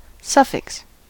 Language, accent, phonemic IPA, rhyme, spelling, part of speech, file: English, US, /ˈsʌfɪks/, -ɪks, suffix, noun, En-us-suffix.ogg
- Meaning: 1. A morpheme added at the end of a word to modify the word's meaning 2. A subscript 3. A final segment of a string of characters